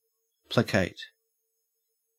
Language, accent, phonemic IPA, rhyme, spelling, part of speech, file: English, Australia, /pləˈkeɪt/, -eɪt, placate, verb / adjective, En-au-placate.ogg
- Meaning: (verb) To calm; to bring peace to; to influence someone who was furious to the point that they become content or at least no longer irate; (adjective) Placid, peaceful